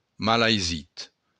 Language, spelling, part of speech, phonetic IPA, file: Occitan, malaisit, adjective, [malajˈzit], LL-Q942602-malaisit.wav
- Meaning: difficult